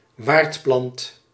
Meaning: a host plant
- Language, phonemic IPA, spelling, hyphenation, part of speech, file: Dutch, /ˈʋaːrt.plɑnt/, waardplant, waard‧plant, noun, Nl-waardplant.ogg